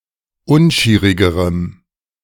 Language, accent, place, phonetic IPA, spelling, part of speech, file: German, Germany, Berlin, [ˈʊnˌʃiːʁɪɡəʁəm], unschierigerem, adjective, De-unschierigerem.ogg
- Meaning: strong dative masculine/neuter singular comparative degree of unschierig